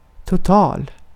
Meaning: total
- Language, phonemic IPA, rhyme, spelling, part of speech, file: Swedish, /tʊˈtɑːl/, -ɑːl, total, adjective, Sv-total.ogg